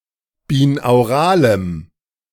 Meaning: strong dative masculine/neuter singular of binaural
- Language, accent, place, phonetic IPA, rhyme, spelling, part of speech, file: German, Germany, Berlin, [biːnaʊ̯ˈʁaːləm], -aːləm, binauralem, adjective, De-binauralem.ogg